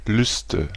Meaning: nominative/accusative/genitive plural of Lust
- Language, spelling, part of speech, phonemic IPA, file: German, Lüste, noun, /ˈlʏstə/, De-Lüste.ogg